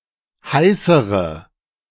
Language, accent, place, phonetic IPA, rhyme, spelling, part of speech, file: German, Germany, Berlin, [ˈhaɪ̯səʁə], -aɪ̯səʁə, heißere, adjective, De-heißere.ogg
- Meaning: inflection of heiß: 1. strong/mixed nominative/accusative feminine singular comparative degree 2. strong nominative/accusative plural comparative degree